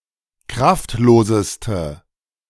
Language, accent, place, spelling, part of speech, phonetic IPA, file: German, Germany, Berlin, kraftloseste, adjective, [ˈkʁaftˌloːzəstə], De-kraftloseste.ogg
- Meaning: inflection of kraftlos: 1. strong/mixed nominative/accusative feminine singular superlative degree 2. strong nominative/accusative plural superlative degree